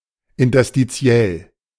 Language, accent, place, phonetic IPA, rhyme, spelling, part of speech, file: German, Germany, Berlin, [ɪntɐstiˈt͡si̯ɛl], -ɛl, interstitiell, adjective, De-interstitiell.ogg
- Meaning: interstitial